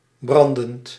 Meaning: present participle of branden
- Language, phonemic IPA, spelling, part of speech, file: Dutch, /ˈbrɑndənt/, brandend, adjective / verb, Nl-brandend.ogg